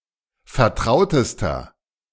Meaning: inflection of vertraut: 1. strong/mixed nominative masculine singular superlative degree 2. strong genitive/dative feminine singular superlative degree 3. strong genitive plural superlative degree
- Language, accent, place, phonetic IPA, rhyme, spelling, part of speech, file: German, Germany, Berlin, [fɛɐ̯ˈtʁaʊ̯təstɐ], -aʊ̯təstɐ, vertrautester, adjective, De-vertrautester.ogg